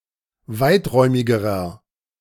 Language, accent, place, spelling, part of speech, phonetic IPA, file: German, Germany, Berlin, weiträumigerer, adjective, [ˈvaɪ̯tˌʁɔɪ̯mɪɡəʁɐ], De-weiträumigerer.ogg
- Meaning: inflection of weiträumig: 1. strong/mixed nominative masculine singular comparative degree 2. strong genitive/dative feminine singular comparative degree 3. strong genitive plural comparative degree